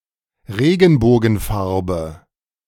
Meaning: color of the rainbow, prismatic color
- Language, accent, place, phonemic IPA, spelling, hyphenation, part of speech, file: German, Germany, Berlin, /ˈʁeːɡn̩boːɡn̩ˌfaʁbə/, Regenbogenfarbe, Re‧gen‧bo‧gen‧far‧be, noun, De-Regenbogenfarbe.ogg